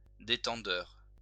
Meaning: regulator
- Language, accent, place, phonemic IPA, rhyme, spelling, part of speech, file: French, France, Lyon, /de.tɑ̃.dœʁ/, -œʁ, détendeur, noun, LL-Q150 (fra)-détendeur.wav